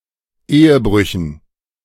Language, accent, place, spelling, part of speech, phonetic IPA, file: German, Germany, Berlin, Ehebrüchen, noun, [ˈeːəˌbʁʏçn̩], De-Ehebrüchen.ogg
- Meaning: dative plural of Ehebruch